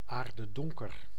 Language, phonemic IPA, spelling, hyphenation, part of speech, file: Dutch, /ˌaːr.dəˈdɔŋ.kər/, aardedonker, aar‧de‧don‧ker, adjective, Nl-aardedonker.ogg
- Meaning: dark as night, pitch-black